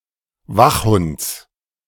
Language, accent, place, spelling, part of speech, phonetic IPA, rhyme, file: German, Germany, Berlin, Wachhunds, noun, [ˈvaxˌhʊnt͡s], -axhʊnt͡s, De-Wachhunds.ogg
- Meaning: genitive singular of Wachhund